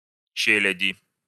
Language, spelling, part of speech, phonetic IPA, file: Russian, челяди, noun, [ˈt͡ɕelʲɪdʲɪ], Ru-челяди.ogg
- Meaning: genitive/dative/prepositional singular of че́лядь (čéljadʹ)